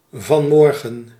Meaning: synonym of vanochtend
- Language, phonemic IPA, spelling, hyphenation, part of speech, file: Dutch, /vɑnˈmɔr.ɣə(n)/, vanmorgen, van‧mor‧gen, adverb, Nl-vanmorgen.ogg